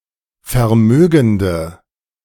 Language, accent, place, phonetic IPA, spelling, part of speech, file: German, Germany, Berlin, [fɛɐ̯ˈmøːɡn̩də], vermögende, adjective, De-vermögende.ogg
- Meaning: inflection of vermögend: 1. strong/mixed nominative/accusative feminine singular 2. strong nominative/accusative plural 3. weak nominative all-gender singular